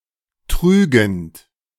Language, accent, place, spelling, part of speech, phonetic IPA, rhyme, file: German, Germany, Berlin, trügend, verb, [ˈtʁyːɡn̩t], -yːɡn̩t, De-trügend.ogg
- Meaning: present participle of trügen